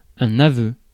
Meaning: 1. oath of allegiance 2. confession
- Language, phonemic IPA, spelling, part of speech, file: French, /a.vø/, aveu, noun, Fr-aveu.ogg